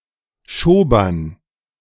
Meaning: dative plural of Schober
- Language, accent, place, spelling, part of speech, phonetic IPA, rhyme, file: German, Germany, Berlin, Schobern, noun, [ˈʃoːbɐn], -oːbɐn, De-Schobern.ogg